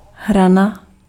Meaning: 1. edge 2. death knell
- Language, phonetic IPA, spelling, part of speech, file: Czech, [ˈɦrana], hrana, noun, Cs-hrana.ogg